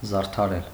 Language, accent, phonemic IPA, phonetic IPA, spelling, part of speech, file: Armenian, Eastern Armenian, /zɑɾtʰɑˈɾel/, [zɑɾtʰɑɾél], զարդարել, verb, Hy-զարդարել.ogg
- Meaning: to adorn, to beautify, to decorate, to ornament, to embellish